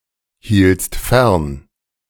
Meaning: second-person singular preterite of fernhalten
- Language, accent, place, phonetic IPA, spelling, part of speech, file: German, Germany, Berlin, [ˌhiːlt͡st ˈfɛʁn], hieltst fern, verb, De-hieltst fern.ogg